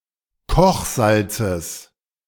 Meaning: genitive singular of Kochsalz
- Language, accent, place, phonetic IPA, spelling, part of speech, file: German, Germany, Berlin, [ˈkɔxˌzalt͡səs], Kochsalzes, noun, De-Kochsalzes.ogg